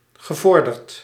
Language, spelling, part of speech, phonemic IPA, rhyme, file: Dutch, gevorderd, adjective, /ɣəˈvɔr.dərt/, -ɔrdərt, Nl-gevorderd.ogg
- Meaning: advanced